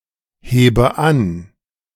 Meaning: inflection of anheben: 1. first-person singular present 2. first/third-person singular subjunctive I 3. singular imperative
- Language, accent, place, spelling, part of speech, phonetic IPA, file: German, Germany, Berlin, hebe an, verb, [ˌheːbə ˈan], De-hebe an.ogg